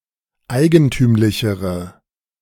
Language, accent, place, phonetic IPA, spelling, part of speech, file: German, Germany, Berlin, [ˈaɪ̯ɡənˌtyːmlɪçəʁə], eigentümlichere, adjective, De-eigentümlichere.ogg
- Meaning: inflection of eigentümlich: 1. strong/mixed nominative/accusative feminine singular comparative degree 2. strong nominative/accusative plural comparative degree